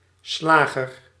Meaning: 1. butcher (one who prepares and sells meat and meat products) 2. killer, slayer, murderer
- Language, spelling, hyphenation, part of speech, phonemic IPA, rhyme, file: Dutch, slager, sla‧ger, noun, /ˈslaː.ɣər/, -aːɣər, Nl-slager.ogg